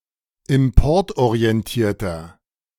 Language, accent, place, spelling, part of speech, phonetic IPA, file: German, Germany, Berlin, importorientierter, adjective, [ɪmˈpɔʁtʔoʁiɛnˌtiːɐ̯tɐ], De-importorientierter.ogg
- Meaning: inflection of importorientiert: 1. strong/mixed nominative masculine singular 2. strong genitive/dative feminine singular 3. strong genitive plural